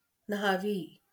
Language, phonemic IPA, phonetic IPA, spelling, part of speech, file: Marathi, /nʱa.ʋi/, [nʱa.ʋiː], न्हावी, noun, LL-Q1571 (mar)-न्हावी.wav
- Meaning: barber